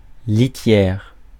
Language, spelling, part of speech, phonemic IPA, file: French, litière, noun, /li.tjɛʁ/, Fr-litière.ogg
- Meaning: 1. litter (for cattle, cats); bedding (for horses) 2. litter (mode of transport) 3. litter, leaf litter